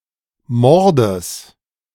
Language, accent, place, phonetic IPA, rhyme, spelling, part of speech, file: German, Germany, Berlin, [ˈmɔʁdəs], -ɔʁdəs, Mordes, noun, De-Mordes.ogg
- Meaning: genitive singular of Mord